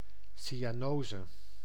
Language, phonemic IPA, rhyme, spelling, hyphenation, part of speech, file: Dutch, /ˌsi.aːˈnoː.zə/, -oːzə, cyanose, cy‧a‧no‧se, noun, Nl-cyanose.ogg
- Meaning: cyanosis